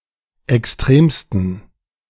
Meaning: 1. superlative degree of extrem 2. inflection of extrem: strong genitive masculine/neuter singular superlative degree
- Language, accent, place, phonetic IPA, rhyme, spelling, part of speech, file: German, Germany, Berlin, [ɛksˈtʁeːmstn̩], -eːmstn̩, extremsten, adjective, De-extremsten.ogg